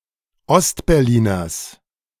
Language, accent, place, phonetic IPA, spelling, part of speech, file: German, Germany, Berlin, [ˈɔstbɛʁˌliːnɐs], Ostberliners, noun, De-Ostberliners.ogg
- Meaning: genitive singular of Ostberliner